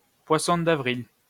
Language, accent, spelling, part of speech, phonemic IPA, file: French, France, poisson d'avril, noun, /pwa.sɔ̃ d‿a.vʁil/, LL-Q150 (fra)-poisson d'avril.wav
- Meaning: 1. April fool (an April Fool's Day joke) 2. April fool (a person subjected to an April Fool's Day joke) 3. paper fish pinned to someone's back as a traditional April Fool's Day joke